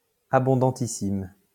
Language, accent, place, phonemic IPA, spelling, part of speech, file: French, France, Lyon, /a.bɔ̃.dɑ̃.ti.sim/, abondantissime, adjective, LL-Q150 (fra)-abondantissime.wav
- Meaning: superlative degree of abondant: Very or most abundant